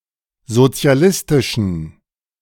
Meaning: inflection of sozialistisch: 1. strong genitive masculine/neuter singular 2. weak/mixed genitive/dative all-gender singular 3. strong/weak/mixed accusative masculine singular 4. strong dative plural
- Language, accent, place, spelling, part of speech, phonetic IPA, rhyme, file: German, Germany, Berlin, sozialistischen, adjective, [zot͡si̯aˈlɪstɪʃn̩], -ɪstɪʃn̩, De-sozialistischen.ogg